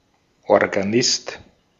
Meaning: organist
- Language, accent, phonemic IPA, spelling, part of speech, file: German, Austria, /ɔʁɡaˈnɪst/, Organist, noun, De-at-Organist.ogg